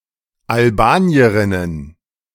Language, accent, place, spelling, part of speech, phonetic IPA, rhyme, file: German, Germany, Berlin, Albanierinnen, noun, [alˈbaːni̯əʁɪnən], -aːni̯əʁɪnən, De-Albanierinnen.ogg
- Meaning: plural of Albanierin